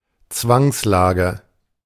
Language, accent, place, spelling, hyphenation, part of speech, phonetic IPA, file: German, Germany, Berlin, Zwangslage, Zwangs‧la‧ge, noun, [ˈt͡svaŋsˌlaːɡə], De-Zwangslage.ogg
- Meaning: 1. predicament 2. plight 3. exigency